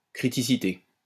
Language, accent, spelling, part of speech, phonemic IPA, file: French, France, criticité, noun, /kʁi.ti.si.te/, LL-Q150 (fra)-criticité.wav
- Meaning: criticality (of a nuclear reaction)